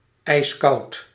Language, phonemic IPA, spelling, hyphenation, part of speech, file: Dutch, /ɛi̯sˈkɑu̯t/, ijskoud, ijs‧koud, adjective, Nl-ijskoud.ogg
- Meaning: ice-cold, freezing cold